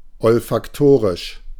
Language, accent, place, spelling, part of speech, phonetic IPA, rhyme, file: German, Germany, Berlin, olfaktorisch, adjective, [ɔlfakˈtoːʁɪʃ], -oːʁɪʃ, De-olfaktorisch.ogg
- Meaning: olfactory